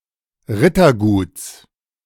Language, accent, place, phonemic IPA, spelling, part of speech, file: German, Germany, Berlin, /ˈʁɪtɐˌɡuːts/, Ritterguts, noun, De-Ritterguts.ogg
- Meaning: genitive singular of Rittergut